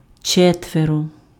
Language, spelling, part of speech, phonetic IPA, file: Ukrainian, четверо, numeral, [ˈt͡ʃɛtʋerɔ], Uk-четверо.ogg
- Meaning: four